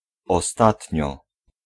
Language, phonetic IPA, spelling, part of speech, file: Polish, [ɔˈstatʲɲɔ], ostatnio, adverb, Pl-ostatnio.ogg